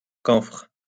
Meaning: camphor
- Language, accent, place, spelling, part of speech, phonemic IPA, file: French, France, Lyon, camphre, noun, /kɑ̃fʁ/, LL-Q150 (fra)-camphre.wav